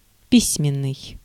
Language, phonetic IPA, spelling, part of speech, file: Russian, [ˈpʲisʲmʲɪn(ː)ɨj], письменный, adjective, Ru-письменный.ogg
- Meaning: written